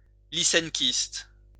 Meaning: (adjective) Lysenkoist
- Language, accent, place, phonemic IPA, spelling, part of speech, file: French, France, Lyon, /li.sɛn.kist/, lyssenkiste, adjective / noun, LL-Q150 (fra)-lyssenkiste.wav